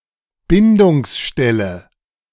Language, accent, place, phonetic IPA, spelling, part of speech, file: German, Germany, Berlin, [ˈbɪndʊŋsˌʃtɛlə], Bindungsstelle, noun, De-Bindungsstelle.ogg
- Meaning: binding site